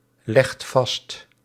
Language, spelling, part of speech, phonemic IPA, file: Dutch, legt vast, verb, /ˈlɛxt ˈvɑst/, Nl-legt vast.ogg
- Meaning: inflection of vastleggen: 1. second/third-person singular present indicative 2. plural imperative